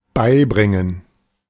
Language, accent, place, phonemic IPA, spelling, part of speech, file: German, Germany, Berlin, /ˈbaɪ̯ˌbʁɪŋən/, beibringen, verb, De-beibringen.ogg
- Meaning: 1. to teach 2. to break (news, information) carefully to 3. to inflict on, inflict with 4. to bring, to provide as evidence